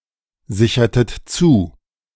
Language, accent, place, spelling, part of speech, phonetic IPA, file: German, Germany, Berlin, sichertet zu, verb, [ˌzɪçɐtət ˈt͡suː], De-sichertet zu.ogg
- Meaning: inflection of zusichern: 1. second-person plural preterite 2. second-person plural subjunctive II